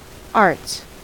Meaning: 1. plural of art 2. The humanities.: The study of languages and literature 3. The humanities.: The study of literature, philosophy, and the arts 4. The liberal arts
- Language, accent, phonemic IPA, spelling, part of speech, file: English, US, /ɑɹts/, arts, noun, En-us-arts.ogg